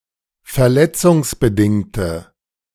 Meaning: inflection of verletzungsbedingt: 1. strong/mixed nominative/accusative feminine singular 2. strong nominative/accusative plural 3. weak nominative all-gender singular
- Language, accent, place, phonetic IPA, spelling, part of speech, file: German, Germany, Berlin, [fɛɐ̯ˈlɛt͡sʊŋsbəˌdɪŋtə], verletzungsbedingte, adjective, De-verletzungsbedingte.ogg